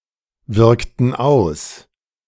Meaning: inflection of auswirken: 1. first/third-person plural preterite 2. first/third-person plural subjunctive II
- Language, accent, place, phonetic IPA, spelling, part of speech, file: German, Germany, Berlin, [ˌvɪʁktn̩ ˈaʊ̯s], wirkten aus, verb, De-wirkten aus.ogg